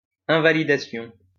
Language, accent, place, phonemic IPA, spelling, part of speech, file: French, France, Lyon, /ɛ̃.va.li.da.sjɔ̃/, invalidation, noun, LL-Q150 (fra)-invalidation.wav
- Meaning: invalidation